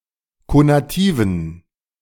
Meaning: inflection of konativ: 1. strong genitive masculine/neuter singular 2. weak/mixed genitive/dative all-gender singular 3. strong/weak/mixed accusative masculine singular 4. strong dative plural
- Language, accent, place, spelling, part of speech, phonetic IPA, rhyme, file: German, Germany, Berlin, konativen, adjective, [konaˈtiːvn̩], -iːvn̩, De-konativen.ogg